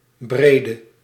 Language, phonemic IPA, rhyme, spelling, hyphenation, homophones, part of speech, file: Dutch, /ˈbreː.də/, -eːdə, brede, bre‧de, Breede, adjective, Nl-brede.ogg
- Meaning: inflection of breed: 1. masculine/feminine singular attributive 2. definite neuter singular attributive 3. plural attributive